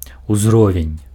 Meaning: level
- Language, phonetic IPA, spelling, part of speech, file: Belarusian, [uzˈrovʲenʲ], узровень, noun, Be-узровень.ogg